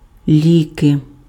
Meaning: 1. nominative/accusative/vocative plural of лік (lik) 2. medicine, cure
- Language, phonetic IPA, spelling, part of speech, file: Ukrainian, [ˈlʲike], ліки, noun, Uk-ліки.ogg